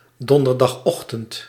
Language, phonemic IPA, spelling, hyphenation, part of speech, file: Dutch, /ˌdɔn.dər.dɑxˈɔx.tənt/, donderdagochtend, don‧der‧dag‧och‧tend, noun, Nl-donderdagochtend.ogg
- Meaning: Thursday morning